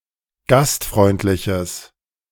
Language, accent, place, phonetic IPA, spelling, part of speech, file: German, Germany, Berlin, [ˈɡastˌfʁɔɪ̯ntlɪçəs], gastfreundliches, adjective, De-gastfreundliches.ogg
- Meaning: strong/mixed nominative/accusative neuter singular of gastfreundlich